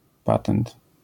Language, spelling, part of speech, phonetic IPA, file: Polish, patent, noun, [ˈpatɛ̃nt], LL-Q809 (pol)-patent.wav